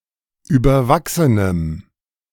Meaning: strong dative masculine/neuter singular of überwachsen
- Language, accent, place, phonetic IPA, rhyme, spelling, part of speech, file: German, Germany, Berlin, [ˌyːbɐˈvaksənəm], -aksənəm, überwachsenem, adjective, De-überwachsenem.ogg